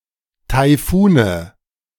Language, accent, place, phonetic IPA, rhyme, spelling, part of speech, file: German, Germany, Berlin, [taɪ̯ˈfuːnə], -uːnə, Taifune, noun, De-Taifune.ogg
- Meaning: nominative/accusative/genitive plural of Taifun